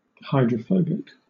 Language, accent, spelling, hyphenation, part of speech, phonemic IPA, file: English, Southern England, hydrophobic, hy‧dro‧pho‧bic, adjective, /haɪdɹəˈfəʊbɪk/, LL-Q1860 (eng)-hydrophobic.wav
- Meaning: 1. Of, or having, hydrophobia (rabies); rabid 2. Lacking an affinity for water; unable to absorb or to be wetted by water